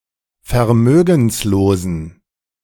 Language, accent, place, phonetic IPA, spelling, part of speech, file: German, Germany, Berlin, [fɛɐ̯ˈmøːɡn̩sloːzn̩], vermögenslosen, adjective, De-vermögenslosen.ogg
- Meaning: inflection of vermögenslos: 1. strong genitive masculine/neuter singular 2. weak/mixed genitive/dative all-gender singular 3. strong/weak/mixed accusative masculine singular 4. strong dative plural